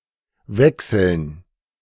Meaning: 1. gerund of wechseln 2. dative plural of Wechsel
- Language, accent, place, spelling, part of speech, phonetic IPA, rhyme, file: German, Germany, Berlin, Wechseln, noun, [ˈvɛksl̩n], -ɛksl̩n, De-Wechseln.ogg